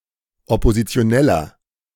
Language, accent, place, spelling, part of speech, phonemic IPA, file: German, Germany, Berlin, Oppositioneller, noun, /ɔpozit͡si̯oˈnɛlɐ/, De-Oppositioneller.ogg
- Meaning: 1. member of the opposition (male or of unspecified gender) 2. inflection of Oppositionelle: strong genitive/dative singular 3. inflection of Oppositionelle: strong genitive plural